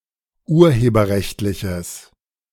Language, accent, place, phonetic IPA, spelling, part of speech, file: German, Germany, Berlin, [ˈuːɐ̯heːbɐˌʁɛçtlɪçəs], urheberrechtliches, adjective, De-urheberrechtliches.ogg
- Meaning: strong/mixed nominative/accusative neuter singular of urheberrechtlich